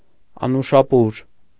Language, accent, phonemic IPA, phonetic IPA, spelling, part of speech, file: Armenian, Eastern Armenian, /ɑnuʃɑˈpuɾ/, [ɑnuʃɑpúɾ], անուշապուր, noun, Hy-անուշապուր.ogg
- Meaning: dried fruits stewed with barley, garnished with chopped almonds or walnuts (a traditional Christmas pudding)